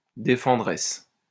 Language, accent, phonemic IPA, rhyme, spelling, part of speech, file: French, France, /de.fɑ̃.dʁɛs/, -ɛs, défenderesse, noun, LL-Q150 (fra)-défenderesse.wav
- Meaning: female equivalent of défendeur